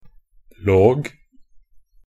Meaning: 1. -logist, -log (a person who studies or is an expert in the related -logy (Norwegian Bokmål: -logi)) 2. -logue, -log (used to denote discourse of a specified kind; or a compilement of something)
- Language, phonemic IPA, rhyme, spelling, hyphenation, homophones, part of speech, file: Norwegian Bokmål, /loːɡ/, -oːɡ, -log, -log, låg, suffix, Nb--log.ogg